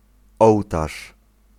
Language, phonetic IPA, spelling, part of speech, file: Polish, [ˈɔwtaʃ], ołtarz, noun, Pl-ołtarz.ogg